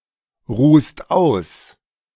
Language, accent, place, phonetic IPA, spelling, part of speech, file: German, Germany, Berlin, [ˌʁuːst ˈaʊ̯s], ruhst aus, verb, De-ruhst aus.ogg
- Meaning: second-person singular present of ausruhen